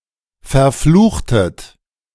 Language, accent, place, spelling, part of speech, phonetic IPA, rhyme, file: German, Germany, Berlin, verfluchtet, verb, [fɛɐ̯ˈfluːxtət], -uːxtət, De-verfluchtet.ogg
- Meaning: inflection of verfluchen: 1. second-person plural preterite 2. second-person plural subjunctive II